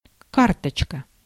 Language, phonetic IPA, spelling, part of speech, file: Russian, [ˈkartət͡ɕkə], карточка, noun, Ru-карточка.ogg
- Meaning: 1. card 2. small photograph